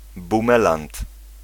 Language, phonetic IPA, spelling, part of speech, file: Polish, [bũˈmɛlãnt], bumelant, noun, Pl-bumelant.ogg